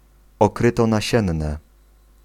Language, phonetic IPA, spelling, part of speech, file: Polish, [ɔˈkrɨtɔnaˈɕɛ̃nːɛ], okrytonasienne, noun, Pl-okrytonasienne.ogg